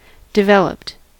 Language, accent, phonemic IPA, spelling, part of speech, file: English, US, /dɪˈvɛləpt/, developed, adjective / verb, En-us-developed.ogg
- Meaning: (adjective) 1. wealthy and industrialized; not third-world 2. Mature 3. Containing man-made structures such as roads, sewers, electric lines, buildings, and so on